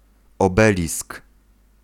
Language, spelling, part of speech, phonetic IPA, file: Polish, obelisk, noun, [ɔˈbɛlʲisk], Pl-obelisk.ogg